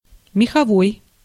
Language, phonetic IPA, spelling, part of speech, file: Russian, [mʲɪxɐˈvoj], меховой, adjective, Ru-меховой.ogg
- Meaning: fur